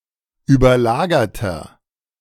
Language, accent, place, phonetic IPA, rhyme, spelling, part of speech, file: German, Germany, Berlin, [yːbɐˈlaːɡɐtɐ], -aːɡɐtɐ, überlagerter, adjective, De-überlagerter.ogg
- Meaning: inflection of überlagert: 1. strong/mixed nominative masculine singular 2. strong genitive/dative feminine singular 3. strong genitive plural